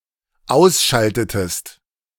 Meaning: inflection of ausschalten: 1. second-person singular dependent preterite 2. second-person singular dependent subjunctive II
- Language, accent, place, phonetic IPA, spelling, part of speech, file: German, Germany, Berlin, [ˈaʊ̯sˌʃaltətəst], ausschaltetest, verb, De-ausschaltetest.ogg